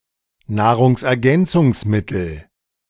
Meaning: food chain
- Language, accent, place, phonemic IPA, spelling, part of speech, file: German, Germany, Berlin, /ˈnaːʁʊŋsˌkɛtə/, Nahrungskette, noun, De-Nahrungskette.ogg